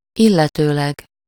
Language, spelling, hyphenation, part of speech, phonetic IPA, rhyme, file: Hungarian, illetőleg, il‧le‧tő‧leg, adverb / conjunction, [ˈilːɛtøːlɛɡ], -ɛɡ, Hu-illetőleg.ogg
- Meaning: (adverb) regarding, concerning, as to (used after a nominal in accusative case); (conjunction) synonym of illetve (“and, or”)